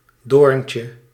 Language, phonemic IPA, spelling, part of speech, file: Dutch, /ˈdorᵊncə/, doorntje, noun, Nl-doorntje.ogg
- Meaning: diminutive of doorn